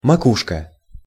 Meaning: 1. crown, pate (of the head) 2. top, summit, vertex
- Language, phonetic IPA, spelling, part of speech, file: Russian, [mɐˈkuʂkə], макушка, noun, Ru-макушка.ogg